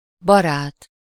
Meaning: 1. friend 2. boyfriend 3. monk, friar
- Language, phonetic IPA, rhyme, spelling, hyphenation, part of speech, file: Hungarian, [ˈbɒraːt], -aːt, barát, ba‧rát, noun, Hu-barát.ogg